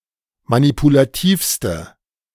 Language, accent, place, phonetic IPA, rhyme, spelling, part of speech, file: German, Germany, Berlin, [manipulaˈtiːfstə], -iːfstə, manipulativste, adjective, De-manipulativste.ogg
- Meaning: inflection of manipulativ: 1. strong/mixed nominative/accusative feminine singular superlative degree 2. strong nominative/accusative plural superlative degree